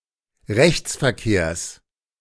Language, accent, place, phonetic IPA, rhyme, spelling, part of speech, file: German, Germany, Berlin, [ˈʁɛçt͡sfɛɐ̯ˌkeːɐ̯s], -ɛçt͡sfɛɐ̯keːɐ̯s, Rechtsverkehrs, noun, De-Rechtsverkehrs.ogg
- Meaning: genitive singular of Rechtsverkehr